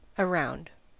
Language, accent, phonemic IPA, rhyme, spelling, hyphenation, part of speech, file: English, US, /əˈɹaʊnd/, -aʊnd, around, a‧round, preposition / adjective / adverb, En-us-around.ogg
- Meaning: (preposition) 1. Forming a circle or closed curve containing (something) 2. Centred upon; surrounding; regarding 3. Following the perimeter of a specified area and returning to the starting point